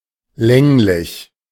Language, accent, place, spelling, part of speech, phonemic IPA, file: German, Germany, Berlin, länglich, adjective, /ˈlɛŋlɪç/, De-länglich.ogg
- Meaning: oblong, longish